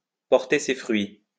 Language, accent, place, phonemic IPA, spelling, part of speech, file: French, France, Lyon, /pɔʁ.te se fʁɥi/, porter ses fruits, verb, LL-Q150 (fra)-porter ses fruits.wav
- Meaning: to bear fruit, to pay off